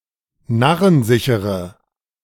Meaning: inflection of narrensicher: 1. strong/mixed nominative/accusative feminine singular 2. strong nominative/accusative plural 3. weak nominative all-gender singular
- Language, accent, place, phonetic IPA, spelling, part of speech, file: German, Germany, Berlin, [ˈnaʁənˌzɪçəʁə], narrensichere, adjective, De-narrensichere.ogg